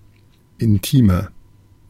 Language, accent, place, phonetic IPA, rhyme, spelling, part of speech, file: German, Germany, Berlin, [ɪnˈtiːmɐ], -iːmɐ, intimer, adjective, De-intimer.ogg
- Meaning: 1. comparative degree of intim 2. inflection of intim: strong/mixed nominative masculine singular 3. inflection of intim: strong genitive/dative feminine singular